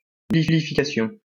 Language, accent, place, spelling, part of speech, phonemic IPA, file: French, France, Lyon, nullification, noun, /ny.li.fi.ka.sjɔ̃/, LL-Q150 (fra)-nullification.wav
- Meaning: nullification, in the sense of American constitutional law